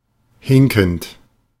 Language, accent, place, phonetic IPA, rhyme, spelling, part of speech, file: German, Germany, Berlin, [ˈhɪŋkn̩t], -ɪŋkn̩t, hinkend, adjective / verb, De-hinkend.ogg
- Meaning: present participle of hinken